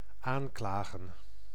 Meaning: to denounce, accuse, indict, sue
- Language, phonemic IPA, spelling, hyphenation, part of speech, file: Dutch, /ˈaːŋklaːɣə(n)/, aanklagen, aan‧kla‧gen, verb, Nl-aanklagen.ogg